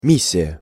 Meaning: 1. mission 2. legation
- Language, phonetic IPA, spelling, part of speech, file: Russian, [ˈmʲisʲɪjə], миссия, noun, Ru-миссия.ogg